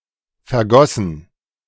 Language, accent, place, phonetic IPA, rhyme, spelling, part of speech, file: German, Germany, Berlin, [fɛɐ̯ˈɡɔsn̩], -ɔsn̩, vergossen, verb, De-vergossen.ogg
- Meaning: past participle of vergießen - shed